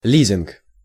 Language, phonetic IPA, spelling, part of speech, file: Russian, [ˈlʲizʲɪnk], лизинг, noun, Ru-лизинг.ogg
- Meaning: lease, leasing